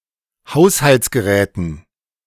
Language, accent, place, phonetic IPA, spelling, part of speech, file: German, Germany, Berlin, [ˈhaʊ̯shalt͡sɡəˌʁɛːtn̩], Haushaltsgeräten, noun, De-Haushaltsgeräten.ogg
- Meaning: dative plural of Haushaltsgerät